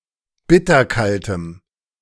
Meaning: strong dative masculine/neuter singular of bitterkalt
- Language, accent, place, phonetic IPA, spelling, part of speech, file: German, Germany, Berlin, [ˈbɪtɐˌkaltəm], bitterkaltem, adjective, De-bitterkaltem.ogg